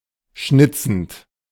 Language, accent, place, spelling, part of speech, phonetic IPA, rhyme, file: German, Germany, Berlin, schnitzend, verb, [ˈʃnɪt͡sn̩t], -ɪt͡sn̩t, De-schnitzend.ogg
- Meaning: present participle of schnitzen